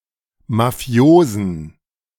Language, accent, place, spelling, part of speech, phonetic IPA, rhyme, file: German, Germany, Berlin, mafiosen, adjective, [maˈfi̯oːzn̩], -oːzn̩, De-mafiosen.ogg
- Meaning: inflection of mafios: 1. strong genitive masculine/neuter singular 2. weak/mixed genitive/dative all-gender singular 3. strong/weak/mixed accusative masculine singular 4. strong dative plural